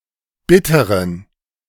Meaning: inflection of bitter: 1. strong genitive masculine/neuter singular 2. weak/mixed genitive/dative all-gender singular 3. strong/weak/mixed accusative masculine singular 4. strong dative plural
- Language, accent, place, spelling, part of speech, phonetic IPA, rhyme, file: German, Germany, Berlin, bitteren, adjective, [ˈbɪtəʁən], -ɪtəʁən, De-bitteren.ogg